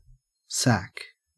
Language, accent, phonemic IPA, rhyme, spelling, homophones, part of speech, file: English, Australia, /sæk/, -æk, sack, sac / SAC, noun / verb, En-au-sack.ogg